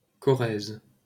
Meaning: 1. Corrèze (a department of Nouvelle-Aquitaine, France) 2. Corrèze (a left tributary of the Vézère in the Corrèze department in southwestern France)
- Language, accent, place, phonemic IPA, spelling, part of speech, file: French, France, Paris, /kɔ.ʁɛz/, Corrèze, proper noun, LL-Q150 (fra)-Corrèze.wav